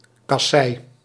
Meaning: cobblestone
- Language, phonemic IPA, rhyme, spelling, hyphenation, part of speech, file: Dutch, /kɑˈsɛi̯/, -ɛi̯, kassei, kas‧sei, noun, Nl-kassei.ogg